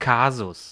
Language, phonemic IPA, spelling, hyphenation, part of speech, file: German, /ˈkaːzʊs/, Kasus, Ka‧sus, noun, De-Kasus.ogg
- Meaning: 1. (grammatical) case (specific inflection of a word depending on its function in the sentence) 2. case (grammatical cases as a linguistic category or phenomenon) 3. case (e.g. of study), affair